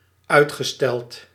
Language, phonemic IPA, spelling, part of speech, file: Dutch, /ˈœytxəˌstɛlt/, uitgesteld, verb, Nl-uitgesteld.ogg
- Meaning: past participle of uitstellen